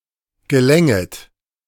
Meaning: second-person plural subjunctive II of gelingen
- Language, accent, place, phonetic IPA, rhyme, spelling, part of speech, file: German, Germany, Berlin, [ɡəˈlɛŋət], -ɛŋət, gelänget, verb, De-gelänget.ogg